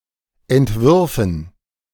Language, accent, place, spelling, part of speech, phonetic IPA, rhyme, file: German, Germany, Berlin, entwürfen, verb, [ɛntˈvʏʁfn̩], -ʏʁfn̩, De-entwürfen.ogg
- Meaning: first-person plural subjunctive II of entwerfen